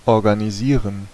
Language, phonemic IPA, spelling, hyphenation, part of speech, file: German, /ɔʁɡaniˈziːʁən/, organisieren, or‧ga‧ni‧sie‧ren, verb, De-organisieren.ogg
- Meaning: to organize